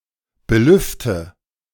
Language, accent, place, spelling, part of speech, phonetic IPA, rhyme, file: German, Germany, Berlin, belüfte, verb, [bəˈlʏftə], -ʏftə, De-belüfte.ogg
- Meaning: inflection of belüften: 1. first-person singular present 2. first/third-person singular subjunctive I 3. singular imperative